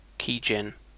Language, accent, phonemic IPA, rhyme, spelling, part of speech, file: English, UK, /ˌkiːˈd͡ʒɛn/, -ɛn, keygen, noun, En-uk-keygen.ogg
- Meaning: A small program used to generate a license key used to unlock a trial version of software illegitimately